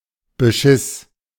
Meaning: first/third-person singular preterite of bescheißen
- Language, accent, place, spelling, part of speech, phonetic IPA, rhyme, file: German, Germany, Berlin, beschiss, verb, [bəˈʃɪs], -ɪs, De-beschiss.ogg